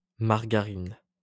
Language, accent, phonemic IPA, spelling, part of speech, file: French, France, /maʁ.ɡa.ʁin/, margarine, noun, LL-Q150 (fra)-margarine.wav
- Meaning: margarine